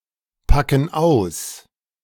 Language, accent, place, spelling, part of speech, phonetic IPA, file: German, Germany, Berlin, packen aus, verb, [ˌpakn̩ ˈaʊ̯s], De-packen aus.ogg
- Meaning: inflection of auspacken: 1. first/third-person plural present 2. first/third-person plural subjunctive I